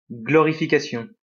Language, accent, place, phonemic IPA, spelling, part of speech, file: French, France, Lyon, /ɡlɔ.ʁi.fi.ka.sjɔ̃/, glorification, noun, LL-Q150 (fra)-glorification.wav
- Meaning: 1. glorification 2. aggrandizement